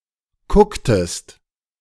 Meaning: inflection of kucken: 1. second-person singular preterite 2. second-person singular subjunctive II
- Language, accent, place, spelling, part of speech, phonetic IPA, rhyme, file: German, Germany, Berlin, kucktest, verb, [ˈkʊktəst], -ʊktəst, De-kucktest.ogg